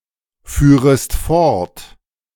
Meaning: second-person singular subjunctive II of fortfahren
- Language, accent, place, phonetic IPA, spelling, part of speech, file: German, Germany, Berlin, [ˌfyːʁəst ˈfɔʁt], führest fort, verb, De-führest fort.ogg